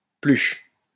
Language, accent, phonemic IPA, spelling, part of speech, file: French, France, /plyʃ/, pluche, verb, LL-Q150 (fra)-pluche.wav
- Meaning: inflection of plucher: 1. first/third-person singular present indicative/subjunctive 2. second-person singular imperative